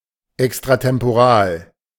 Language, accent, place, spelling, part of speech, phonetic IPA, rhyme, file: German, Germany, Berlin, extratemporal, adjective, [ˌɛkstʁatɛmpoˈʁaːl], -aːl, De-extratemporal.ogg
- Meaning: extratemporal